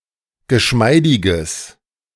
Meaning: strong/mixed nominative/accusative neuter singular of geschmeidig
- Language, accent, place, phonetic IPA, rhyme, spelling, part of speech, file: German, Germany, Berlin, [ɡəˈʃmaɪ̯dɪɡəs], -aɪ̯dɪɡəs, geschmeidiges, adjective, De-geschmeidiges.ogg